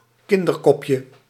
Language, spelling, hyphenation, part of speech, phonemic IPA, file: Dutch, kinderkopje, kin‧der‧kop‧je, noun, /ˈkɪn.dərˌkɔp.jə/, Nl-kinderkopje.ogg
- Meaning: 1. a square cobblestone as used for paving streets; a sampietrino 2. a child's head or representation thereof (as a pendant for example)